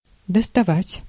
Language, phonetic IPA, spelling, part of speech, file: Russian, [dəstɐˈvatʲ], доставать, verb, Ru-доставать.ogg
- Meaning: 1. to reach, to touch 2. to take, to go fetch, to take out 3. to get, to procure, to obtain; especially about a product that is rare, or of which there is a shortage 4. to annoy someone badly